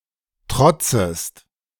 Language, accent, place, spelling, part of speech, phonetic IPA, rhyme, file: German, Germany, Berlin, trotzest, verb, [ˈtʁɔt͡səst], -ɔt͡səst, De-trotzest.ogg
- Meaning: second-person singular subjunctive I of trotzen